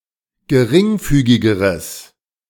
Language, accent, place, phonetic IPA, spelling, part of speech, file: German, Germany, Berlin, [ɡəˈʁɪŋˌfyːɡɪɡəʁəs], geringfügigeres, adjective, De-geringfügigeres.ogg
- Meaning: strong/mixed nominative/accusative neuter singular comparative degree of geringfügig